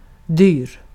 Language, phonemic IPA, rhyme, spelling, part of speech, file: Swedish, /dyːr/, -yːr, dyr, adjective, Sv-dyr.ogg
- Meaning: 1. expensive 2. dear, precious, valued